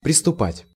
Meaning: to begin, to proceed, to start
- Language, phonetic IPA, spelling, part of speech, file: Russian, [prʲɪstʊˈpatʲ], приступать, verb, Ru-приступать.ogg